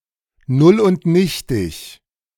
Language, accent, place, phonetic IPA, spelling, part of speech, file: German, Germany, Berlin, [ˈnʊl ʔʊnt ˈnɪçtɪç], null und nichtig, adjective, De-null und nichtig.ogg
- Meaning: null and void